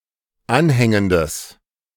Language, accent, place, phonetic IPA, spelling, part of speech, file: German, Germany, Berlin, [ˈanˌhɛŋəndəs], anhängendes, adjective, De-anhängendes.ogg
- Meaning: strong/mixed nominative/accusative neuter singular of anhängend